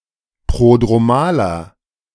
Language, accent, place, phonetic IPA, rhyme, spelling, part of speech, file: German, Germany, Berlin, [ˌpʁodʁoˈmaːlɐ], -aːlɐ, prodromaler, adjective, De-prodromaler.ogg
- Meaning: inflection of prodromal: 1. strong/mixed nominative masculine singular 2. strong genitive/dative feminine singular 3. strong genitive plural